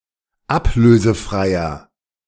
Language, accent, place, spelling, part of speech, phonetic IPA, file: German, Germany, Berlin, ablösefreier, adjective, [ˈapløːzəˌfʁaɪ̯ɐ], De-ablösefreier.ogg
- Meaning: inflection of ablösefrei: 1. strong/mixed nominative masculine singular 2. strong genitive/dative feminine singular 3. strong genitive plural